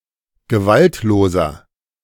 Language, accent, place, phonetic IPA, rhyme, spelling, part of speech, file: German, Germany, Berlin, [ɡəˈvaltloːzɐ], -altloːzɐ, gewaltloser, adjective, De-gewaltloser.ogg
- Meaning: inflection of gewaltlos: 1. strong/mixed nominative masculine singular 2. strong genitive/dative feminine singular 3. strong genitive plural